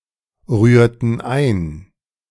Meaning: inflection of einrühren: 1. first/third-person plural preterite 2. first/third-person plural subjunctive II
- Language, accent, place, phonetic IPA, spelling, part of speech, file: German, Germany, Berlin, [ˌʁyːɐ̯tn̩ ˈaɪ̯n], rührten ein, verb, De-rührten ein.ogg